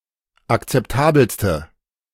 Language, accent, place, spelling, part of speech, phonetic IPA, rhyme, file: German, Germany, Berlin, akzeptabelste, adjective, [akt͡sɛpˈtaːbl̩stə], -aːbl̩stə, De-akzeptabelste.ogg
- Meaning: inflection of akzeptabel: 1. strong/mixed nominative/accusative feminine singular superlative degree 2. strong nominative/accusative plural superlative degree